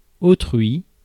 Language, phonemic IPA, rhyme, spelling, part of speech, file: French, /o.tʁɥi/, -ɥi, autrui, pronoun, Fr-autrui.ogg
- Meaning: others; other people; someone else